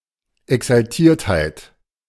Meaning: effusiveness
- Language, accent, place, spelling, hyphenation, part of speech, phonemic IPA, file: German, Germany, Berlin, Exaltiertheit, Ex‧al‧tiert‧heit, noun, /ɛksalˈtiːɐ̯thaɪ̯t/, De-Exaltiertheit.ogg